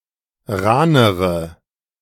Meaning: inflection of rahn: 1. strong/mixed nominative/accusative feminine singular comparative degree 2. strong nominative/accusative plural comparative degree
- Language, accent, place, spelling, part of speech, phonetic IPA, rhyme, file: German, Germany, Berlin, rahnere, adjective, [ˈʁaːnəʁə], -aːnəʁə, De-rahnere.ogg